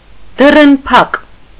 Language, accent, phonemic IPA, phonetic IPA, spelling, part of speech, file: Armenian, Eastern Armenian, /dərənˈpʰɑk/, [dərənpʰɑ́k], դռնփակ, adjective, Hy-դռնփակ.ogg
- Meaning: closed door (not open to participation by non-members or the public)